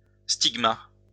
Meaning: stigma (a ligature of the Greek letters sigma and tau: Ϛ / ϛ)
- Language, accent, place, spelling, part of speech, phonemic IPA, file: French, France, Lyon, stigma, noun, /stiɡ.ma/, LL-Q150 (fra)-stigma.wav